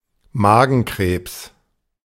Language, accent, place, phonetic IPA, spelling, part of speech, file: German, Germany, Berlin, [ˈmaːɡn̩ˌkʁeːps], Magenkrebs, noun, De-Magenkrebs.ogg
- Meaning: stomach cancer